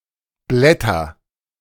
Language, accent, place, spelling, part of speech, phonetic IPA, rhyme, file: German, Germany, Berlin, blätter, verb, [ˈblɛtɐ], -ɛtɐ, De-blätter.ogg
- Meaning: inflection of blättern: 1. first-person singular present 2. singular imperative